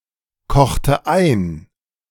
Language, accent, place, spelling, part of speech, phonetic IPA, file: German, Germany, Berlin, kochte ein, verb, [ˌkɔxtə ˈaɪ̯n], De-kochte ein.ogg
- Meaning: inflection of einkochen: 1. first/third-person singular preterite 2. first/third-person singular subjunctive II